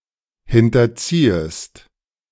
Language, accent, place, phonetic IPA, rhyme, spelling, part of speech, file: German, Germany, Berlin, [ˌhɪntɐˈt͡siːəst], -iːəst, hinterziehest, verb, De-hinterziehest.ogg
- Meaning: second-person singular subjunctive I of hinterziehen